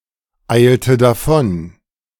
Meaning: inflection of davoneilen: 1. first/third-person singular preterite 2. first/third-person singular subjunctive II
- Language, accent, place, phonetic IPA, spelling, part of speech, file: German, Germany, Berlin, [ˌaɪ̯ltə daˈfɔn], eilte davon, verb, De-eilte davon.ogg